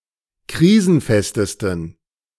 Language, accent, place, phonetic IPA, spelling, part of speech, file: German, Germany, Berlin, [ˈkʁiːzn̩ˌfɛstəstn̩], krisenfestesten, adjective, De-krisenfestesten.ogg
- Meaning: 1. superlative degree of krisenfest 2. inflection of krisenfest: strong genitive masculine/neuter singular superlative degree